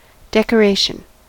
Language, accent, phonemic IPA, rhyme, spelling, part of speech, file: English, US, /ˌdɛkəˈɹeɪʃən/, -eɪʃən, decoration, noun, En-us-decoration.ogg
- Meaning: 1. The act of adorning, embellishing, or honoring; ornamentation 2. Any item that adorns, enriches, or beautifies; something added by way of embellishment or ornamentation